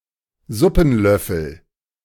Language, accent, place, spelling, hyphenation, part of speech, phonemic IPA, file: German, Germany, Berlin, Suppenlöffel, Sup‧pen‧löf‧fel, noun, /ˈzʊpn̩ˌlœfl̩/, De-Suppenlöffel.ogg
- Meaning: soupspoon